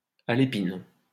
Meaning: feminine singular of alépin
- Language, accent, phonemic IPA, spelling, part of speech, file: French, France, /a.le.pin/, alépine, adjective, LL-Q150 (fra)-alépine.wav